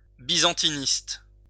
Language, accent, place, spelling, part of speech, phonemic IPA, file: French, France, Lyon, byzantiniste, noun, /bi.zɑ̃.ti.nist/, LL-Q150 (fra)-byzantiniste.wav
- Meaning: Byzantinist, specialist in the Byzantine Empire